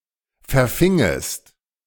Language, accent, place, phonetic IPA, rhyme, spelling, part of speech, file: German, Germany, Berlin, [fɛɐ̯ˈfɪŋəst], -ɪŋəst, verfingest, verb, De-verfingest.ogg
- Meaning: second-person singular subjunctive II of verfangen